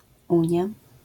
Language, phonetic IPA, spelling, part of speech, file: Polish, [ˈũɲja], unia, noun, LL-Q809 (pol)-unia.wav